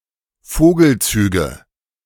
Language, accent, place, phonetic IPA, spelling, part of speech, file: German, Germany, Berlin, [ˈfoːɡl̩ˌt͡syːɡə], Vogelzüge, noun, De-Vogelzüge.ogg
- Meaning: nominative/accusative/genitive plural of Vogelzug